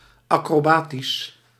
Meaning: acrobatic
- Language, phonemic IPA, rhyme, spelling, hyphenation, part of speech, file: Dutch, /ˌɑ.kroːˈbaː.tis/, -aːtis, acrobatisch, acro‧ba‧tisch, adjective, Nl-acrobatisch.ogg